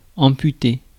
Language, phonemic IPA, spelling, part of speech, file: French, /ɑ̃.py.te/, amputer, verb, Fr-amputer.ogg
- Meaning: to amputate